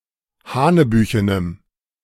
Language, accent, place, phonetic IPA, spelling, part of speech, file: German, Germany, Berlin, [ˈhaːnəˌbyːçənəm], hanebüchenem, adjective, De-hanebüchenem.ogg
- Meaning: strong dative masculine/neuter singular of hanebüchen